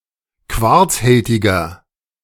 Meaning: inflection of quarzhältig: 1. strong/mixed nominative masculine singular 2. strong genitive/dative feminine singular 3. strong genitive plural
- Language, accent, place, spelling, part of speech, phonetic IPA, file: German, Germany, Berlin, quarzhältiger, adjective, [ˈkvaʁt͡sˌhɛltɪɡɐ], De-quarzhältiger.ogg